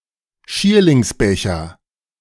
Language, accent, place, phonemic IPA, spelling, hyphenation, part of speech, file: German, Germany, Berlin, /ˈʃiːɐ̯lɪŋsˌbɛçɐ/, Schierlingsbecher, Schier‧lings‧be‧cher, noun, De-Schierlingsbecher.ogg
- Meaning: cup of hemlock